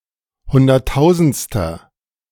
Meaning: inflection of hunderttausendste: 1. strong/mixed nominative masculine singular 2. strong genitive/dative feminine singular 3. strong genitive plural
- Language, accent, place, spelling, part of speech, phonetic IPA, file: German, Germany, Berlin, hunderttausendster, adjective, [ˈhʊndɐtˌtaʊ̯zn̩t͡stɐ], De-hunderttausendster.ogg